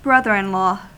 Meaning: A male relative of one's generation, separated by one degree of marriage: 1. The brother of one's spouse 2. The husband of one's sibling
- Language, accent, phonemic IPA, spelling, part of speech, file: English, US, /ˈbɹʌðɚ ɪn ˌlɔ/, brother-in-law, noun, En-us-brother-in-law.ogg